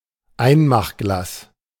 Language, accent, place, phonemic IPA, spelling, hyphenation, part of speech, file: German, Germany, Berlin, /ˈaɪ̯nmaxˌɡlaːs/, Einmachglas, Ein‧mach‧glas, noun, De-Einmachglas.ogg
- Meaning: fruit jar, preserving jar (a glass canning jar)